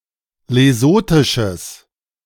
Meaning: strong/mixed nominative/accusative neuter singular of lesothisch
- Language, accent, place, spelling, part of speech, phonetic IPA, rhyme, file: German, Germany, Berlin, lesothisches, adjective, [leˈzoːtɪʃəs], -oːtɪʃəs, De-lesothisches.ogg